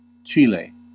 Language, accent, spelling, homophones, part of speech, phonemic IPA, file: English, US, Chile, chile / chili / chilli / chilly, proper noun, /ˈt͡ʃiː.leɪ/, En-us-Chile.ogg
- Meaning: A country in South America. Official name: Republic of Chile. Capital and largest city: Santiago